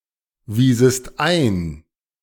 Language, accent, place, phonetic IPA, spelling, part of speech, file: German, Germany, Berlin, [ˌviːzəst ˈaɪ̯n], wiesest ein, verb, De-wiesest ein.ogg
- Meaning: second-person singular subjunctive II of einweisen